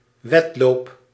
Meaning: 1. a race in running (speed contest in running) 2. any competition, instance of competing
- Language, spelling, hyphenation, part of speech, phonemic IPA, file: Dutch, wedloop, wed‧loop, noun, /ˈʋɛt.loːp/, Nl-wedloop.ogg